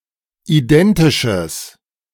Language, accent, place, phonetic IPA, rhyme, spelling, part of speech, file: German, Germany, Berlin, [iˈdɛntɪʃəs], -ɛntɪʃəs, identisches, adjective, De-identisches.ogg
- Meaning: strong/mixed nominative/accusative neuter singular of identisch